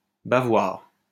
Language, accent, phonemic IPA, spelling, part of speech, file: French, France, /ba.vwaʁ/, bavoir, noun, LL-Q150 (fra)-bavoir.wav
- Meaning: bib